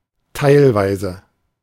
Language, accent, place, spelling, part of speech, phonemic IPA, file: German, Germany, Berlin, teilweise, adverb / adjective, /ˈtaɪ̯lˌvaɪ̯zə/, De-teilweise.ogg
- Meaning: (adverb) 1. partially, to some extent 2. sometimes, occasionally 3. in part, in some cases; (adjective) partial